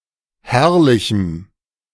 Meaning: strong dative masculine/neuter singular of herrlich
- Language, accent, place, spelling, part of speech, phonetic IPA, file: German, Germany, Berlin, herrlichem, adjective, [ˈhɛʁlɪçm̩], De-herrlichem.ogg